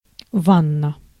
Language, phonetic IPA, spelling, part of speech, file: Russian, [ˈvanːə], ванна, noun, Ru-ванна.ogg
- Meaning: bath, bathtub